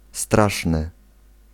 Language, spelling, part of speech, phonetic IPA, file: Polish, straszny, adjective, [ˈstraʃnɨ], Pl-straszny.ogg